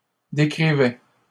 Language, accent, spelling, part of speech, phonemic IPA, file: French, Canada, décrivais, verb, /de.kʁi.vɛ/, LL-Q150 (fra)-décrivais.wav
- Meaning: first/second-person singular imperfect indicative of décrire